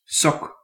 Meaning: sock
- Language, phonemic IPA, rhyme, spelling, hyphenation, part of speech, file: Dutch, /sɔk/, -ɔk, sok, sok, noun, Nl-sok.ogg